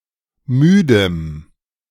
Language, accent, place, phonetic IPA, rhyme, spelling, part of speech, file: German, Germany, Berlin, [ˈmyːdəm], -yːdəm, müdem, adjective, De-müdem.ogg
- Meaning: strong dative masculine/neuter singular of müde